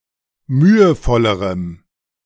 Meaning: strong dative masculine/neuter singular comparative degree of mühevoll
- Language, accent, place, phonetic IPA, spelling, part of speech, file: German, Germany, Berlin, [ˈmyːəˌfɔləʁəm], mühevollerem, adjective, De-mühevollerem.ogg